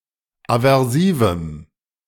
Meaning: strong dative masculine/neuter singular of aversiv
- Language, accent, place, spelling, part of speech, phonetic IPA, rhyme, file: German, Germany, Berlin, aversivem, adjective, [avɛʁˈsiːvm̩], -iːvm̩, De-aversivem.ogg